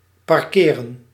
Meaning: 1. to park, halt and leave a vehicle in a spot 2. to position, leave; to side-track someone
- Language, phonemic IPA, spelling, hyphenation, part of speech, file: Dutch, /ˌpɑrˈkeː.rə(n)/, parkeren, par‧ke‧ren, verb, Nl-parkeren.ogg